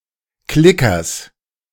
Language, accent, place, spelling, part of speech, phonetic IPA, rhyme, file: German, Germany, Berlin, Klickers, noun, [ˈklɪkɐs], -ɪkɐs, De-Klickers.ogg
- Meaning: genitive singular of Klicker